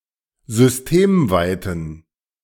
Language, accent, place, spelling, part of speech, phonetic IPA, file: German, Germany, Berlin, systemweiten, adjective, [zʏsˈteːmˌvaɪ̯tn̩], De-systemweiten.ogg
- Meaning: inflection of systemweit: 1. strong genitive masculine/neuter singular 2. weak/mixed genitive/dative all-gender singular 3. strong/weak/mixed accusative masculine singular 4. strong dative plural